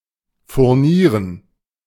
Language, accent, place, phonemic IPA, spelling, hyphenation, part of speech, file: German, Germany, Berlin, /fʊʁˈniːʁən/, furnieren, fur‧nie‧ren, verb, De-furnieren.ogg
- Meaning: to veneer